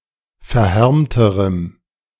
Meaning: strong dative masculine/neuter singular comparative degree of verhärmt
- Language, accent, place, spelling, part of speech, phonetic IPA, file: German, Germany, Berlin, verhärmterem, adjective, [fɛɐ̯ˈhɛʁmtəʁəm], De-verhärmterem.ogg